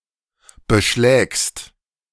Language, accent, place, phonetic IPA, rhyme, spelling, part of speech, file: German, Germany, Berlin, [bəˈʃlɛːkst], -ɛːkst, beschlägst, verb, De-beschlägst.ogg
- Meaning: second-person singular present of beschlagen